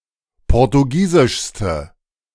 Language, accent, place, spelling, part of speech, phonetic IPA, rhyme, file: German, Germany, Berlin, portugiesischste, adjective, [ˌpɔʁtuˈɡiːzɪʃstə], -iːzɪʃstə, De-portugiesischste.ogg
- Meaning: inflection of portugiesisch: 1. strong/mixed nominative/accusative feminine singular superlative degree 2. strong nominative/accusative plural superlative degree